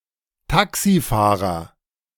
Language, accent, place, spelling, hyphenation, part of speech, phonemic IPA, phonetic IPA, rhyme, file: German, Germany, Berlin, Taxifahrer, Ta‧xi‧fah‧rer, noun, /ˈtaksiˌfaːʁəʁ/, [ˈtʰaksiˌfaːʁɐ], -aːʁɐ, De-Taxifahrer.ogg
- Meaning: taxi driver, cabdriver, cabbie (male or of unspecified sex)